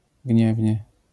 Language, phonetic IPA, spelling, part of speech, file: Polish, [ˈɟɲɛvʲɲɛ], gniewnie, adverb, LL-Q809 (pol)-gniewnie.wav